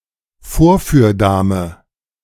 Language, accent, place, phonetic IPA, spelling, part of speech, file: German, Germany, Berlin, [ˈfoːɐ̯fyːɐ̯ˌdaːmə], Vorführdame, noun, De-Vorführdame.ogg
- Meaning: mannequin